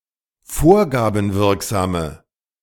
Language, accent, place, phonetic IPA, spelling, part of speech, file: German, Germany, Berlin, [ˈfoːɐ̯ɡaːbm̩ˌvɪʁkzaːmə], vorgabenwirksame, adjective, De-vorgabenwirksame.ogg
- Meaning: inflection of vorgabenwirksam: 1. strong/mixed nominative/accusative feminine singular 2. strong nominative/accusative plural 3. weak nominative all-gender singular